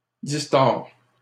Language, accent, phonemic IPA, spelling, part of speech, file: French, Canada, /dis.tɔʁ/, distords, verb, LL-Q150 (fra)-distords.wav
- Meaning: inflection of distordre: 1. first/second-person singular present indicative 2. second-person singular imperative